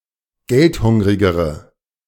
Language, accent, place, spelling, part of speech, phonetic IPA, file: German, Germany, Berlin, geldhungrigere, adjective, [ˈɡɛltˌhʊŋʁɪɡəʁə], De-geldhungrigere.ogg
- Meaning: inflection of geldhungrig: 1. strong/mixed nominative/accusative feminine singular comparative degree 2. strong nominative/accusative plural comparative degree